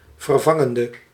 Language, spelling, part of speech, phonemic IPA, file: Dutch, vervangende, adjective / verb, /vərˈvɑŋəndə/, Nl-vervangende.ogg
- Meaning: inflection of vervangend: 1. masculine/feminine singular attributive 2. definite neuter singular attributive 3. plural attributive